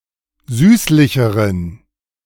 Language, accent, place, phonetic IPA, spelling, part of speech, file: German, Germany, Berlin, [ˈzyːslɪçəʁən], süßlicheren, adjective, De-süßlicheren.ogg
- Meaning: inflection of süßlich: 1. strong genitive masculine/neuter singular comparative degree 2. weak/mixed genitive/dative all-gender singular comparative degree